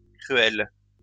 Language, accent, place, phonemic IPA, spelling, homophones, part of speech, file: French, France, Lyon, /kʁy.ɛl/, cruelles, cruel / cruels / cruelle, adjective, LL-Q150 (fra)-cruelles.wav
- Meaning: feminine plural of cruel